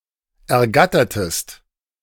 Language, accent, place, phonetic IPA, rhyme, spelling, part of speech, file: German, Germany, Berlin, [ɛɐ̯ˈɡatɐtəst], -atɐtəst, ergattertest, verb, De-ergattertest.ogg
- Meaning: inflection of ergattern: 1. second-person singular preterite 2. second-person singular subjunctive II